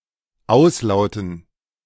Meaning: dative plural of Auslaut
- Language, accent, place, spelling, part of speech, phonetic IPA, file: German, Germany, Berlin, Auslauten, noun, [ˈaʊ̯sˌlaʊ̯tn̩], De-Auslauten.ogg